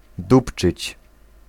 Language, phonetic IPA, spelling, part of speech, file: Polish, [ˈdupt͡ʃɨt͡ɕ], dupczyć, verb, Pl-dupczyć.ogg